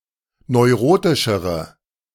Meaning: inflection of neurotisch: 1. strong/mixed nominative/accusative feminine singular comparative degree 2. strong nominative/accusative plural comparative degree
- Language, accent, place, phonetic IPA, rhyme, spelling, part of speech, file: German, Germany, Berlin, [nɔɪ̯ˈʁoːtɪʃəʁə], -oːtɪʃəʁə, neurotischere, adjective, De-neurotischere.ogg